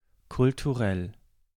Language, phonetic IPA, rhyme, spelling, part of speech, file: German, [kʊltuˈʁɛl], -ɛl, kulturell, adjective, De-kulturell.ogg
- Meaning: cultural